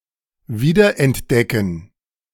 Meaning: to rediscover
- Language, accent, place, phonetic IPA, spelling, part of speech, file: German, Germany, Berlin, [ˈviːdɐʔɛntˌdɛkn̩], wiederentdecken, verb, De-wiederentdecken.ogg